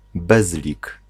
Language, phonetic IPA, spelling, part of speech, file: Polish, [ˈbɛzlʲik], bezlik, noun, Pl-bezlik.ogg